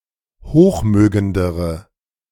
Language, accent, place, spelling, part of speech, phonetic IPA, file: German, Germany, Berlin, hochmögendere, adjective, [ˈhoːxˌmøːɡəndəʁə], De-hochmögendere.ogg
- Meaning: inflection of hochmögend: 1. strong/mixed nominative/accusative feminine singular comparative degree 2. strong nominative/accusative plural comparative degree